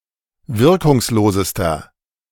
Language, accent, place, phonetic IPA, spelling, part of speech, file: German, Germany, Berlin, [ˈvɪʁkʊŋsˌloːzəstɐ], wirkungslosester, adjective, De-wirkungslosester.ogg
- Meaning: inflection of wirkungslos: 1. strong/mixed nominative masculine singular superlative degree 2. strong genitive/dative feminine singular superlative degree 3. strong genitive plural superlative degree